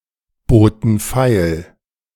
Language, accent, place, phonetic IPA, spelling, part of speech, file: German, Germany, Berlin, [ˌboːtn̩ ˈfaɪ̯l], boten feil, verb, De-boten feil.ogg
- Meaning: first/third-person plural preterite of feilbieten